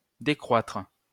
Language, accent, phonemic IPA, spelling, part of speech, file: French, France, /de.kʁwatʁ/, décroître, verb, LL-Q150 (fra)-décroître.wav
- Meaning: to decrease